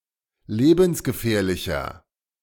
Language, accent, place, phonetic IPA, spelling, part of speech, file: German, Germany, Berlin, [ˈleːbn̩sɡəˌfɛːɐ̯lɪçɐ], lebensgefährlicher, adjective, De-lebensgefährlicher.ogg
- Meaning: inflection of lebensgefährlich: 1. strong/mixed nominative masculine singular 2. strong genitive/dative feminine singular 3. strong genitive plural